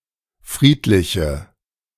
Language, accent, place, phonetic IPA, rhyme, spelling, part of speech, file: German, Germany, Berlin, [ˈfʁiːtlɪçə], -iːtlɪçə, friedliche, adjective, De-friedliche.ogg
- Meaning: inflection of friedlich: 1. strong/mixed nominative/accusative feminine singular 2. strong nominative/accusative plural 3. weak nominative all-gender singular